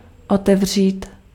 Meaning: to open
- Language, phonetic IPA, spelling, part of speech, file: Czech, [ˈotɛvr̝iːt], otevřít, verb, Cs-otevřít.ogg